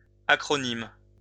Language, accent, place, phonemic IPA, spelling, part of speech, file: French, France, Lyon, /a.kʁɔ.nim/, acronymes, noun, LL-Q150 (fra)-acronymes.wav
- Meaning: plural of acronyme